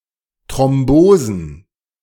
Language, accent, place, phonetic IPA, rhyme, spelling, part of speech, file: German, Germany, Berlin, [tʁɔmˈboːzn̩], -oːzn̩, Thrombosen, noun, De-Thrombosen.ogg
- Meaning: plural of Thrombose